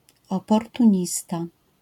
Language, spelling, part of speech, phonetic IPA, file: Polish, oportunista, noun, [ˌɔpɔrtũˈɲista], LL-Q809 (pol)-oportunista.wav